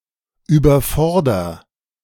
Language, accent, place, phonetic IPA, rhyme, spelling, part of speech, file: German, Germany, Berlin, [yːbɐˈfɔʁdɐ], -ɔʁdɐ, überforder, verb, De-überforder.ogg
- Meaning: inflection of überfordern: 1. first-person singular present 2. singular imperative